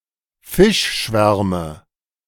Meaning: nominative/accusative/genitive plural of Fischschwarm
- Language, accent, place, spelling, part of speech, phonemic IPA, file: German, Germany, Berlin, Fischschwärme, noun, /ˈfɪʃˌʃvɛʁmə/, De-Fischschwärme.ogg